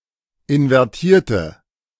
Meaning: inflection of invertiert: 1. strong/mixed nominative/accusative feminine singular 2. strong nominative/accusative plural 3. weak nominative all-gender singular
- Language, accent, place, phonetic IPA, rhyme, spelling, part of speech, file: German, Germany, Berlin, [ɪnvɛʁˈtiːɐ̯tə], -iːɐ̯tə, invertierte, adjective / verb, De-invertierte.ogg